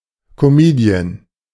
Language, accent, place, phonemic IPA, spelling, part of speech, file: German, Germany, Berlin, /kɔˈmiːdiən/, Comedian, noun, De-Comedian.ogg
- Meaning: 1. comedian 2. female comedian